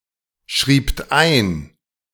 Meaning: second-person plural preterite of einschreiben
- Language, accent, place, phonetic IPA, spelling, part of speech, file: German, Germany, Berlin, [ˌʃʁiːpt ˈaɪ̯n], schriebt ein, verb, De-schriebt ein.ogg